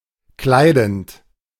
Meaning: present participle of kleiden
- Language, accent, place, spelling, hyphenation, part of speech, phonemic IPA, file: German, Germany, Berlin, kleidend, klei‧dend, verb, /ˈklaɪ̯dənt/, De-kleidend.ogg